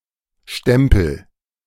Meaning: 1. mark, imprint, trademark, brand, postmark 2. stamp, rubber stamp (actual device used to make a mark or stamp) 3. pit prop 4. pestle, pounder 5. punch, stamp, stamper, die 6. pistil
- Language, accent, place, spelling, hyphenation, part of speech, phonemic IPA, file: German, Germany, Berlin, Stempel, Stem‧pel, noun, /ˈʃtɛmpəl/, De-Stempel.ogg